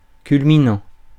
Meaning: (adjective) highest (typically of mountains); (verb) present participle of culminer
- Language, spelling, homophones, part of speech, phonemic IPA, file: French, culminant, culminants, adjective / verb, /kyl.mi.nɑ̃/, Fr-culminant.ogg